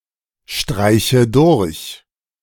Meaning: inflection of durchstreichen: 1. first-person singular present 2. first/third-person singular subjunctive I 3. singular imperative
- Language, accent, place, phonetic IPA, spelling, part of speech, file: German, Germany, Berlin, [ˌʃtʁaɪ̯çə ˈdʊʁç], streiche durch, verb, De-streiche durch.ogg